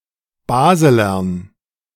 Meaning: dative plural of Baseler
- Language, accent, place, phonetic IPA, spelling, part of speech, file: German, Germany, Berlin, [ˈbaːzəlɐn], Baselern, noun, De-Baselern.ogg